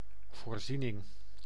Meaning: 1. provision, supply 2. facility, amenity 3. provision (liability or contra account to recognise likely future adverse events associated with current transactions)
- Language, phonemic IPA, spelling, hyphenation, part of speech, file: Dutch, /vorzinɪŋ/, voorziening, voor‧zie‧ning, noun, Nl-voorziening.ogg